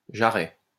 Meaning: 1. hough (back of the knee) 2. hock (joint)
- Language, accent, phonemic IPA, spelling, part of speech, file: French, France, /ʒa.ʁɛ/, jarret, noun, LL-Q150 (fra)-jarret.wav